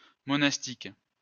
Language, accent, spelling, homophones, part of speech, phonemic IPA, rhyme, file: French, France, monastique, monastiques, adjective, /mɔ.nas.tik/, -ik, LL-Q150 (fra)-monastique.wav
- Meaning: monastic